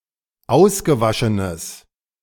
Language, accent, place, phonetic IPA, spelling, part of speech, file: German, Germany, Berlin, [ˈaʊ̯sɡəˌvaʃənəs], ausgewaschenes, adjective, De-ausgewaschenes.ogg
- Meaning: strong/mixed nominative/accusative neuter singular of ausgewaschen